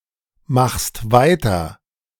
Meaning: second-person singular present of weitermachen
- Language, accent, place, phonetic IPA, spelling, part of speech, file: German, Germany, Berlin, [ˌmaxst ˈvaɪ̯tɐ], machst weiter, verb, De-machst weiter.ogg